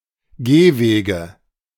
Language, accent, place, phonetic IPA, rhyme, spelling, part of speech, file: German, Germany, Berlin, [ˈɡeːˌveːɡə], -eːveːɡə, Gehwege, noun, De-Gehwege.ogg
- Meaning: nominative/accusative/genitive plural of Gehweg